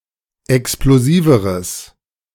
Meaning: strong/mixed nominative/accusative neuter singular comparative degree of explosiv
- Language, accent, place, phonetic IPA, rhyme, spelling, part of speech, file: German, Germany, Berlin, [ɛksploˈziːvəʁəs], -iːvəʁəs, explosiveres, adjective, De-explosiveres.ogg